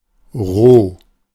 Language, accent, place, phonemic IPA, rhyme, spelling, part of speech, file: German, Germany, Berlin, /ʁoː/, -oː, roh, adjective, De-roh.ogg
- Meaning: 1. raw (uncooked) 2. unprocessed, crude, raw 3. unrefined, rude, brutal